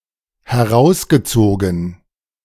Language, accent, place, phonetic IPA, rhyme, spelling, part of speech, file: German, Germany, Berlin, [hɛˈʁaʊ̯sɡəˌt͡soːɡn̩], -aʊ̯sɡət͡soːɡn̩, herausgezogen, verb, De-herausgezogen.ogg
- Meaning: past participle of herausziehen